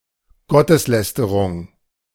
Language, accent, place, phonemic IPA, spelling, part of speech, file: German, Germany, Berlin, /ˈɡɔtəsˌlɛstəʁʊŋ/, Gotteslästerung, noun, De-Gotteslästerung.ogg
- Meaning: blasphemy